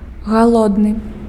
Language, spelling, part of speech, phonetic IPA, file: Belarusian, галодны, adjective, [ɣaˈɫodnɨ], Be-галодны.ogg
- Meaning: hungry